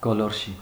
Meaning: 1. vapor 2. smoke
- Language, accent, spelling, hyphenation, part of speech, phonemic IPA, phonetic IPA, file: Armenian, Eastern Armenian, գոլորշի, գո‧լոր‧շի, noun, /ɡoloɾˈʃi/, [ɡoloɾʃí], Hy-գոլորշի.ogg